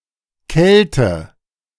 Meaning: coldness; cold
- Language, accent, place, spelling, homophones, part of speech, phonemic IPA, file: German, Germany, Berlin, Kälte, Kelte, noun, /ˈkɛltə/, De-Kälte.ogg